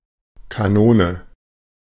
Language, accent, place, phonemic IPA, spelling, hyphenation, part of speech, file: German, Germany, Berlin, /kaˈnoːnə/, Kanone, Ka‧no‧ne, noun, De-Kanone.ogg
- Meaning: 1. cannon 2. gun